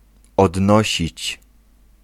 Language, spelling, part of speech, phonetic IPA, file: Polish, odnosić, verb, [ɔdˈnɔɕit͡ɕ], Pl-odnosić.ogg